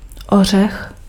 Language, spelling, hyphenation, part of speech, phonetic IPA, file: Czech, ořech, o‧řech, noun, [ˈor̝ɛx], Cs-ořech.ogg
- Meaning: nut